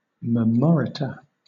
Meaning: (adverb) By, or from, memory; by heart; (adjective) That is or has been recited from memory; that has been learned by heart
- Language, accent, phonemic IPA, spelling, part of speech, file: English, Southern England, /məˈmɒɹɪtə/, memoriter, adverb / adjective, LL-Q1860 (eng)-memoriter.wav